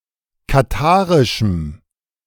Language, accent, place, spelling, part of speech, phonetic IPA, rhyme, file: German, Germany, Berlin, katharischem, adjective, [kaˈtaːʁɪʃm̩], -aːʁɪʃm̩, De-katharischem.ogg
- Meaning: strong dative masculine/neuter singular of katharisch